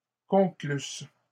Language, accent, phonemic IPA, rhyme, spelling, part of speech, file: French, Canada, /kɔ̃.klys/, -ys, conclussent, verb, LL-Q150 (fra)-conclussent.wav
- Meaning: third-person plural imperfect subjunctive of conclure